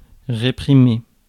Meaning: 1. to suppress, quell (stop the spread of something considered bad or wrong) 2. to repress, stifle (prevent the growth of) 3. to repress, muffle (prevent someone speaking out)
- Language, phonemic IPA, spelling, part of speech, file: French, /ʁe.pʁi.me/, réprimer, verb, Fr-réprimer.ogg